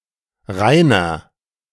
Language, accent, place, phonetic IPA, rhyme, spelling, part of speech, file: German, Germany, Berlin, [ˈʁaɪ̯nɐ], -aɪ̯nɐ, reiner, adjective, De-reiner.ogg
- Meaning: 1. comparative degree of rein 2. inflection of rein: strong/mixed nominative masculine singular 3. inflection of rein: strong genitive/dative feminine singular